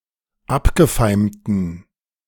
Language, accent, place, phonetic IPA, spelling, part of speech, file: German, Germany, Berlin, [ˈapɡəˌfaɪ̯mtn̩], abgefeimten, adjective, De-abgefeimten.ogg
- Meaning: inflection of abgefeimt: 1. strong genitive masculine/neuter singular 2. weak/mixed genitive/dative all-gender singular 3. strong/weak/mixed accusative masculine singular 4. strong dative plural